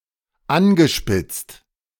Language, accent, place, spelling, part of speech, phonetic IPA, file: German, Germany, Berlin, angespitzt, verb, [ˈanɡəˌʃpɪt͡st], De-angespitzt.ogg
- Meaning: past participle of anspitzen